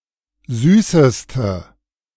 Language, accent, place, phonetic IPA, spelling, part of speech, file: German, Germany, Berlin, [ˈzyːsəstə], süßeste, adjective, De-süßeste.ogg
- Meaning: inflection of süß: 1. strong/mixed nominative/accusative feminine singular superlative degree 2. strong nominative/accusative plural superlative degree